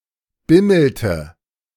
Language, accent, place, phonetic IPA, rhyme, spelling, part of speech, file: German, Germany, Berlin, [ˈbɪml̩tə], -ɪml̩tə, bimmelte, verb, De-bimmelte.ogg
- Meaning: inflection of bimmeln: 1. first/third-person singular preterite 2. first/third-person singular subjunctive II